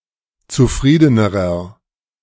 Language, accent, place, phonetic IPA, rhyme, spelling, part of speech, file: German, Germany, Berlin, [t͡suˈfʁiːdənəʁɐ], -iːdənəʁɐ, zufriedenerer, adjective, De-zufriedenerer.ogg
- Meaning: inflection of zufrieden: 1. strong/mixed nominative masculine singular comparative degree 2. strong genitive/dative feminine singular comparative degree 3. strong genitive plural comparative degree